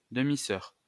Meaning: nonstandard spelling of demi-sœur
- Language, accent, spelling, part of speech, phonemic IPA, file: French, France, demi-soeur, noun, /də.mi.sœʁ/, LL-Q150 (fra)-demi-soeur.wav